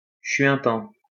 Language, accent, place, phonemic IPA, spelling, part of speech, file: French, France, Lyon, /ʃɥɛ̃.tɑ̃/, chuintant, verb, LL-Q150 (fra)-chuintant.wav
- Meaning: present participle of chuinter